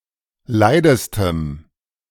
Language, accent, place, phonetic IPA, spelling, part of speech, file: German, Germany, Berlin, [ˈlaɪ̯dəstəm], leidestem, adjective, De-leidestem.ogg
- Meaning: strong dative masculine/neuter singular superlative degree of leid